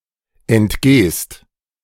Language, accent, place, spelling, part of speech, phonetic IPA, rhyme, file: German, Germany, Berlin, entgehst, verb, [ɛntˈɡeːst], -eːst, De-entgehst.ogg
- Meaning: second-person singular present of entgehen